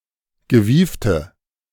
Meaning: inflection of gewieft: 1. strong/mixed nominative/accusative feminine singular 2. strong nominative/accusative plural 3. weak nominative all-gender singular 4. weak accusative feminine/neuter singular
- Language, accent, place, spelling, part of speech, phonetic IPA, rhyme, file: German, Germany, Berlin, gewiefte, adjective, [ɡəˈviːftə], -iːftə, De-gewiefte.ogg